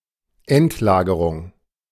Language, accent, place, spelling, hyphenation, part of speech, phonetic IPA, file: German, Germany, Berlin, Endlagerung, End‧la‧ge‧rung, noun, [ˈɛntˌlaːɡəʀʊŋ], De-Endlagerung.ogg
- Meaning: final storage, final disposal